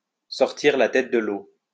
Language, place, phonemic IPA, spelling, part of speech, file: French, Lyon, /sɔʁ.tiʁ la tɛt də l‿o/, sortir la tête de l'eau, verb, LL-Q150 (fra)-sortir la tête de l'eau.wav
- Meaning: to get back on one's feet, to get one's head above the water, to see the light at the end of the tunnel